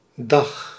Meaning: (noun) 1. day (period of 24 hours) 2. daytime (time between sunrise and sunset) 3. a meeting or assembly with legal or political power, originally convened on a specific day; a diet
- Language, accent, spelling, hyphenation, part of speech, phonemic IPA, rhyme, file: Dutch, Netherlands, dag, dag, noun / interjection, /dɑx/, -ɑx, Nl-dag.ogg